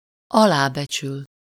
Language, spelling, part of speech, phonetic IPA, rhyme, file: Hungarian, alábecsül, verb, [ˈɒlaːbɛt͡ʃyl], -yl, Hu-alábecsül.ogg
- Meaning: to underestimate, to underrate